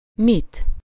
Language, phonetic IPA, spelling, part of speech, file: Hungarian, [ˈmit], mit, pronoun, Hu-mit.ogg
- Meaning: 1. accusative singular of mi 2. why